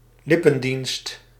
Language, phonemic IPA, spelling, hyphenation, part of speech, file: Dutch, /ˈlɪpə(n)ˌdinst/, lippendienst, lip‧pen‧dienst, noun, Nl-lippendienst.ogg
- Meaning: lip service, empty talk